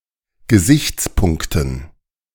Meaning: dative plural of Gesichtspunkt
- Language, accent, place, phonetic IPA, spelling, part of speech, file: German, Germany, Berlin, [ɡəˈzɪçt͡sˌpʊŋktn̩], Gesichtspunkten, noun, De-Gesichtspunkten.ogg